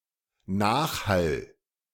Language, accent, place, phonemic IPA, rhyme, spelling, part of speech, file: German, Germany, Berlin, /ˈnaːxhal/, -al, Nachhall, noun, De-Nachhall.ogg
- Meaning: reverberation, echo